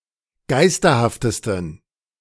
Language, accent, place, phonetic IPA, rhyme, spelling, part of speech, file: German, Germany, Berlin, [ˈɡaɪ̯stɐhaftəstn̩], -aɪ̯stɐhaftəstn̩, geisterhaftesten, adjective, De-geisterhaftesten.ogg
- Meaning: 1. superlative degree of geisterhaft 2. inflection of geisterhaft: strong genitive masculine/neuter singular superlative degree